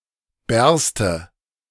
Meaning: inflection of bersten: 1. first-person singular present 2. first/third-person singular subjunctive I
- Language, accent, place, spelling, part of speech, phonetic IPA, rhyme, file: German, Germany, Berlin, berste, verb, [ˈbɛʁstə], -ɛʁstə, De-berste.ogg